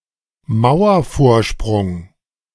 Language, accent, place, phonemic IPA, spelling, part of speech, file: German, Germany, Berlin, /ˈmaʊ̯ɐˌfoːɐ̯ʃpʁʊŋ/, Mauervorsprung, noun, De-Mauervorsprung.ogg
- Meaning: projection on a wall